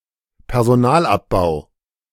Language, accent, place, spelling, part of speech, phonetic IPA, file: German, Germany, Berlin, Personalabbau, noun, [pɛɐ̯zoˈnaːlʔapˌbaʊ̯], De-Personalabbau.ogg
- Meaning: downsizing (laying off of personnel)